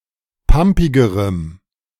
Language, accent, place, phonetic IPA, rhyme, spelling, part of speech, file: German, Germany, Berlin, [ˈpampɪɡəʁəm], -ampɪɡəʁəm, pampigerem, adjective, De-pampigerem.ogg
- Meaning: strong dative masculine/neuter singular comparative degree of pampig